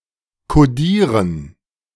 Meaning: to encode
- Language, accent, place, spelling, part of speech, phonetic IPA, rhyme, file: German, Germany, Berlin, kodieren, verb, [koˈdiːʁən], -iːʁən, De-kodieren.ogg